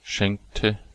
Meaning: inflection of schenken: 1. first/third-person singular preterite 2. first/third-person singular subjunctive II
- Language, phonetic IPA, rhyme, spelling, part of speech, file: German, [ˈʃɛŋktə], -ɛŋktə, schenkte, verb, De-schenkte.ogg